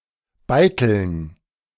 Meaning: dative plural of Beitel
- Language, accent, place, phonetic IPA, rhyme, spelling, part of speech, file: German, Germany, Berlin, [ˈbaɪ̯tl̩n], -aɪ̯tl̩n, Beiteln, noun, De-Beiteln.ogg